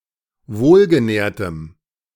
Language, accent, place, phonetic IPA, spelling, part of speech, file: German, Germany, Berlin, [ˈvoːlɡəˌnɛːɐ̯təm], wohlgenährtem, adjective, De-wohlgenährtem.ogg
- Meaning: strong dative masculine/neuter singular of wohlgenährt